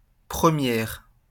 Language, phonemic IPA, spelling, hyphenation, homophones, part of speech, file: French, /pʁə.mjɛʁ/, première, pre‧mière, premières, adjective / noun, LL-Q150 (fra)-première.wav
- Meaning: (adjective) feminine singular of premier; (noun) 1. premiere, première 2. first (new event, something never done before) 3. the penultimate year of lycée 4. first, first gear